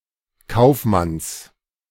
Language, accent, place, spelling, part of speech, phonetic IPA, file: German, Germany, Berlin, Kaufmanns, noun, [ˈkaʊ̯fˌmans], De-Kaufmanns.ogg
- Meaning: genitive singular of Kaufmann